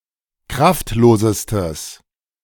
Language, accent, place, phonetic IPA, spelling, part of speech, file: German, Germany, Berlin, [ˈkʁaftˌloːzəstəs], kraftlosestes, adjective, De-kraftlosestes.ogg
- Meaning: strong/mixed nominative/accusative neuter singular superlative degree of kraftlos